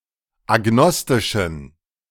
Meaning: inflection of agnostisch: 1. strong genitive masculine/neuter singular 2. weak/mixed genitive/dative all-gender singular 3. strong/weak/mixed accusative masculine singular 4. strong dative plural
- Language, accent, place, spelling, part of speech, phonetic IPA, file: German, Germany, Berlin, agnostischen, adjective, [aˈɡnɔstɪʃn̩], De-agnostischen.ogg